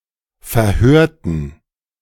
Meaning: inflection of verhören: 1. first/third-person plural preterite 2. first/third-person plural subjunctive II
- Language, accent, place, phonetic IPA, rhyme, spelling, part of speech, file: German, Germany, Berlin, [fɛɐ̯ˈhøːɐ̯tn̩], -øːɐ̯tn̩, verhörten, adjective / verb, De-verhörten.ogg